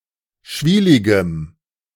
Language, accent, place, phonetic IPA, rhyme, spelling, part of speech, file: German, Germany, Berlin, [ˈʃviːlɪɡəm], -iːlɪɡəm, schwieligem, adjective, De-schwieligem.ogg
- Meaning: strong dative masculine/neuter singular of schwielig